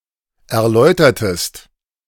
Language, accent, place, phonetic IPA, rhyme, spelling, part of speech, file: German, Germany, Berlin, [ɛɐ̯ˈlɔɪ̯tɐtəst], -ɔɪ̯tɐtəst, erläutertest, verb, De-erläutertest.ogg
- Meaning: inflection of erläutern: 1. second-person singular preterite 2. second-person singular subjunctive II